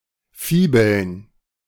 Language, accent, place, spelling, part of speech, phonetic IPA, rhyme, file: German, Germany, Berlin, Fibeln, noun, [ˈfiːbl̩n], -iːbl̩n, De-Fibeln.ogg
- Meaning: plural of Fibel